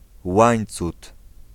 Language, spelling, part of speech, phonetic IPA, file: Polish, Łańcut, proper noun, [ˈwãj̃nt͡sut], Pl-Łańcut.ogg